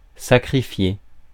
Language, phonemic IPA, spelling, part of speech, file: French, /sa.kʁi.fje/, sacrifier, verb, Fr-sacrifier.ogg
- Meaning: to sacrifice (all meanings)